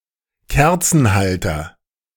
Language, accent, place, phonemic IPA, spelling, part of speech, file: German, Germany, Berlin, /ˈkɛʁtsn̩ˌhaltɐ/, Kerzenhalter, noun, De-Kerzenhalter.ogg
- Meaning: candlestick